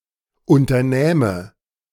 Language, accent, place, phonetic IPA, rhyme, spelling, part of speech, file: German, Germany, Berlin, [ˌʊntɐˈnɛːmə], -ɛːmə, unternähme, verb, De-unternähme.ogg
- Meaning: first/third-person singular subjunctive II of unternehmen